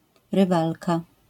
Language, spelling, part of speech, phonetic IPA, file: Polish, rywalka, noun, [rɨˈvalka], LL-Q809 (pol)-rywalka.wav